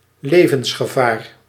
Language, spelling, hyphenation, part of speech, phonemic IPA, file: Dutch, levensgevaar, le‧vens‧ge‧vaar, noun, /ˈleː.və(n)s.xəˌvaːr/, Nl-levensgevaar.ogg
- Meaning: mortal danger, lethal danger